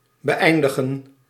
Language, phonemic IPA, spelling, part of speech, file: Dutch, /bəˈɛi̯ndəɣə(n)/, beëindigen, verb, Nl-beëindigen.ogg
- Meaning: 1. to end, to finish, to conclude 2. to put a stop to